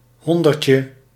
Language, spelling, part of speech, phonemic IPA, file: Dutch, honderdje, noun, /ˈhɔndərcə/, Nl-honderdje.ogg
- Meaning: 1. diminutive of honderd 2. a 100 guilder banknote 3. a 100 euro banknote